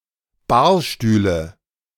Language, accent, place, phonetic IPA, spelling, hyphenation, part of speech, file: German, Germany, Berlin, [ˈbaːɐ̯ˌʃtyːlə], Barstühle, Bar‧stüh‧le, noun, De-Barstühle.ogg
- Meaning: nominative/accusative/genitive plural of Barstuhl